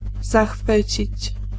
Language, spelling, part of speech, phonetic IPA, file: Polish, zachwycić, verb, [zaˈxfɨt͡ɕit͡ɕ], Pl-zachwycić.ogg